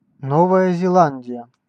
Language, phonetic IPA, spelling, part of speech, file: Russian, [ˈnovəjə zʲɪˈɫanʲdʲɪjə], Новая Зеландия, proper noun, Ru-Новая Зеландия.ogg
- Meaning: New Zealand (a country and archipelago of Oceania; capital: Wellington)